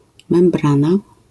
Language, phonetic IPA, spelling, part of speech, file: Polish, [mɛ̃mˈbrãna], membrana, noun, LL-Q809 (pol)-membrana.wav